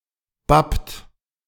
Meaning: inflection of bappen: 1. second-person plural present 2. third-person singular present 3. plural imperative
- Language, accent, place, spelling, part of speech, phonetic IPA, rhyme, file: German, Germany, Berlin, bappt, verb, [bapt], -apt, De-bappt.ogg